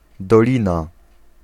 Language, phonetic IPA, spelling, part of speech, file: Polish, [dɔˈlʲĩna], dolina, noun, Pl-dolina.ogg